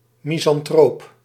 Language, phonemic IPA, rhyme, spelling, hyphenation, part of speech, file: Dutch, /ˌmi.zɑnˈtroːp/, -oːp, misantroop, mi‧san‧troop, noun / adjective, Nl-misantroop.ogg
- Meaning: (noun) misanthrope; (adjective) misanthropic